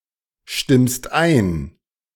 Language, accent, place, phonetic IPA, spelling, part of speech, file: German, Germany, Berlin, [ˌʃtɪmst ˈaɪ̯n], stimmst ein, verb, De-stimmst ein.ogg
- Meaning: second-person singular present of einstimmen